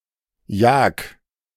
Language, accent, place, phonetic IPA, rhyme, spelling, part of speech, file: German, Germany, Berlin, [jaːk], -aːk, jag, verb, De-jag.ogg
- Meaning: 1. singular imperative of jagen 2. first-person singular present of jagen